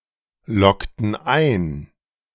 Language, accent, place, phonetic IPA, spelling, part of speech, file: German, Germany, Berlin, [ˌlɔktn̩ ˈaɪ̯n], loggten ein, verb, De-loggten ein.ogg
- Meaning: inflection of einloggen: 1. first/third-person plural preterite 2. first/third-person plural subjunctive II